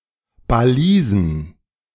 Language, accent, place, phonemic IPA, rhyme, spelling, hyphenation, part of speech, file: German, Germany, Berlin, /baˈliːzn̩/, -iːzn̩, Balisen, Ba‧li‧sen, noun, De-Balisen.ogg
- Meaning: plural of Balise